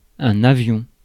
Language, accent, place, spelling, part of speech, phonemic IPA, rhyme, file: French, France, Paris, avion, noun, /a.vjɔ̃/, -ɔ̃, Fr-avion.ogg
- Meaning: aeroplane